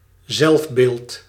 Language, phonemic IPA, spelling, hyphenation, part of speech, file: Dutch, /ˈzɛlf.beːlt/, zelfbeeld, zelf‧beeld, noun, Nl-zelfbeeld.ogg
- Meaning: self-image